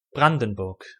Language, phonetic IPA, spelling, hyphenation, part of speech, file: German, [ˈbʁandn̩bʊʁk], Brandenburg, Bran‧den‧burg, proper noun, De-Brandenburg.ogg
- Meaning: 1. Brandenburg (a state in northeast Germany) 2. Brandenburg (a historical province of Germany) 3. synonym of Brandenburg an der Havel